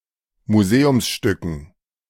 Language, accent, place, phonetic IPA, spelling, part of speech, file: German, Germany, Berlin, [muˈzeːʊmsˌʃtʏkn̩], Museumsstücken, noun, De-Museumsstücken.ogg
- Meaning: dative plural of Museumsstück